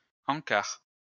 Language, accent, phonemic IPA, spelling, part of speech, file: French, France, /ɑ̃.kaʁ/, encart, noun, LL-Q150 (fra)-encart.wav
- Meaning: insert (publicity)